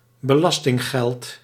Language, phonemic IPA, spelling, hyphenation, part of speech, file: Dutch, /bəˈlɑs.tɪŋˌɣɛlt/, belastinggeld, be‧las‧ting‧geld, noun, Nl-belastinggeld.ogg
- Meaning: tax money